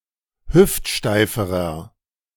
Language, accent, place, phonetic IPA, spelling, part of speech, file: German, Germany, Berlin, [ˈhʏftˌʃtaɪ̯fəʁɐ], hüftsteiferer, adjective, De-hüftsteiferer.ogg
- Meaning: inflection of hüftsteif: 1. strong/mixed nominative masculine singular comparative degree 2. strong genitive/dative feminine singular comparative degree 3. strong genitive plural comparative degree